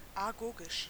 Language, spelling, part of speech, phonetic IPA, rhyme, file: German, agogisch, adjective, [aˈɡoːɡɪʃ], -oːɡɪʃ, De-agogisch.ogg
- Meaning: agogic